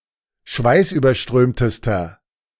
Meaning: inflection of schweißüberströmt: 1. strong/mixed nominative masculine singular superlative degree 2. strong genitive/dative feminine singular superlative degree
- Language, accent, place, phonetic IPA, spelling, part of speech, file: German, Germany, Berlin, [ˈʃvaɪ̯sʔyːbɐˌʃtʁøːmtəstɐ], schweißüberströmtester, adjective, De-schweißüberströmtester.ogg